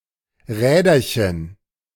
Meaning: plural of Rädchen
- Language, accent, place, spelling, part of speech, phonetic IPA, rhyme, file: German, Germany, Berlin, Räderchen, noun, [ˈʁɛːdɐçən], -ɛːdɐçən, De-Räderchen.ogg